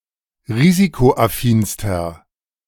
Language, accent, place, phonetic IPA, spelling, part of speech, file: German, Germany, Berlin, [ˈʁiːzikoʔaˌfiːnstɐ], risikoaffinster, adjective, De-risikoaffinster.ogg
- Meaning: inflection of risikoaffin: 1. strong/mixed nominative masculine singular superlative degree 2. strong genitive/dative feminine singular superlative degree 3. strong genitive plural superlative degree